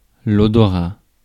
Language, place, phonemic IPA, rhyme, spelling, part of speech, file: French, Paris, /ɔ.dɔ.ʁa/, -a, odorat, noun, Fr-odorat.ogg
- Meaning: smell (sense of smell)